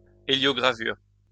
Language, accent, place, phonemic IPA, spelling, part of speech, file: French, France, Lyon, /e.ljɔ.ɡʁa.vyʁ/, héliogravure, noun, LL-Q150 (fra)-héliogravure.wav
- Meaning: heliogravure, rotogravure